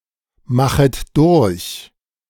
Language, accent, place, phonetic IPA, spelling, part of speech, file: German, Germany, Berlin, [ˌmaxət ˈdʊʁç], machet durch, verb, De-machet durch.ogg
- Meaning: second-person plural subjunctive I of durchmachen